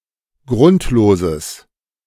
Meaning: strong/mixed nominative/accusative neuter singular of grundlos
- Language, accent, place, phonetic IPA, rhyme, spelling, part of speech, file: German, Germany, Berlin, [ˈɡʁʊntloːzəs], -ʊntloːzəs, grundloses, adjective, De-grundloses.ogg